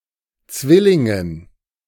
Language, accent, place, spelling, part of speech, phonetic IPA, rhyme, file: German, Germany, Berlin, Zwillingen, noun, [ˈt͡svɪlɪŋən], -ɪlɪŋən, De-Zwillingen.ogg
- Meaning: dative plural of Zwilling